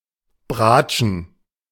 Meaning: to play a viola
- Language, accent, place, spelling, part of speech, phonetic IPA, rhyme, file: German, Germany, Berlin, bratschen, verb, [ˈbʁaːt͡ʃn̩], -aːt͡ʃn̩, De-bratschen.ogg